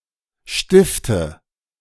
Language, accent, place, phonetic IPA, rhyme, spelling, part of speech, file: German, Germany, Berlin, [ˈʃtɪftə], -ɪftə, stifte, verb, De-stifte.ogg
- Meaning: inflection of stiften: 1. first-person singular present 2. first/third-person singular subjunctive I 3. singular imperative